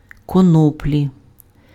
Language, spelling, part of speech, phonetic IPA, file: Ukrainian, коноплі, noun, [kɔˈnɔplʲi], Uk-коноплі.ogg
- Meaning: hemp, cannabis (plant of the genus Cannabis)